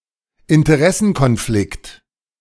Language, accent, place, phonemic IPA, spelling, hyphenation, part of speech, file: German, Germany, Berlin, /ɪntəˈʁɛsn̩kɔnˌflɪkt/, Interessenkonflikt, In‧te‧r‧es‧sen‧kon‧flikt, noun, De-Interessenkonflikt.ogg
- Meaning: conflict of interest